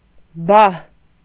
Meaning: spade, shovel
- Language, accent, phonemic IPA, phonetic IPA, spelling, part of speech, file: Armenian, Eastern Armenian, /bɑh/, [bɑh], բահ, noun, Hy-բահ.ogg